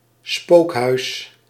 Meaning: haunted house (both for rides in fairgrounds or amusement parks and houses said to be haunted according to superstition)
- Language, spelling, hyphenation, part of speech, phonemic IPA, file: Dutch, spookhuis, spook‧huis, noun, /ˈspoːk.ɦœy̯s/, Nl-spookhuis.ogg